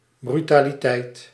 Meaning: impudence, audacity
- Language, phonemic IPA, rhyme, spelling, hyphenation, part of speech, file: Dutch, /bry.taː.liˈtɛi̯t/, -ɛi̯t, brutaliteit, bru‧ta‧li‧teit, noun, Nl-brutaliteit.ogg